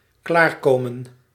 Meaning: 1. to get ready; to finish a task, to be finished 2. to come, to reach orgasm
- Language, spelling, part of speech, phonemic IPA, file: Dutch, klaarkomen, verb, /ˈklarˌkomə(n)/, Nl-klaarkomen.ogg